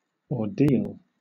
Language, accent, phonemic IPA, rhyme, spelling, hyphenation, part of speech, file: English, Southern England, /ɔːˈdiːl/, -iːl, ordeal, or‧deal, noun, LL-Q1860 (eng)-ordeal.wav
- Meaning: 1. A trial in which the accused was subjected to a dangerous test (such as ducking in water), divine authority deciding the guilt of the accused 2. A painful or trying experience